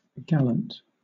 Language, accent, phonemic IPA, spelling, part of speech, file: English, Southern England, /ˈɡælənt/, gallant, adjective / noun / verb, LL-Q1860 (eng)-gallant.wav
- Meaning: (adjective) 1. Brave, valiant, courteous, especially with regard to male attitudes towards women 2. Honorable 3. Grand, noble 4. Showy; splendid; magnificent; gay; well-dressed